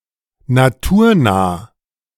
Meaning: close to nature
- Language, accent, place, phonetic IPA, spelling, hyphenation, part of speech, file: German, Germany, Berlin, [naˈtuːɐ̯ˌnaː], naturnah, na‧tur‧nah, adjective, De-naturnah.ogg